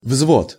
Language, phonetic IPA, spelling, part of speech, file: Russian, [vzvot], взвод, noun, Ru-взвод.ogg
- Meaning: 1. platoon 2. cock, state of being cocked 3. readiness to go off, state of being wound up